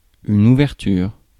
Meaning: 1. opening 2. overture
- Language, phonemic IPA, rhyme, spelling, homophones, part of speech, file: French, /u.vɛʁ.tyʁ/, -yʁ, ouverture, ouvertures, noun, Fr-ouverture.ogg